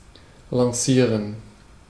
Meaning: to launch
- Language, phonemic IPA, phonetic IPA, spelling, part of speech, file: German, /lãˈsiːʁən/, [lãˈsiːɐ̯n], lancieren, verb, De-lancieren.ogg